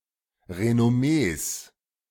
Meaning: plural of Renommee
- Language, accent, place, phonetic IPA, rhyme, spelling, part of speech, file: German, Germany, Berlin, [ʁenɔˈmeːs], -eːs, Renommees, noun, De-Renommees.ogg